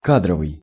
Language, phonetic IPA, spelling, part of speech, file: Russian, [ˈkadrəvɨj], кадровый, adjective, Ru-кадровый.ogg
- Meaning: 1. personnel, human resources 2. cadre 3. regular 4. frame